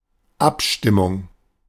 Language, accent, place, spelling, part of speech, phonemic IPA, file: German, Germany, Berlin, Abstimmung, noun, /ˈʔapʃtɪmʊŋ/, De-Abstimmung.ogg
- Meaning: 1. vote 2. co-ordination, synchronising, agreement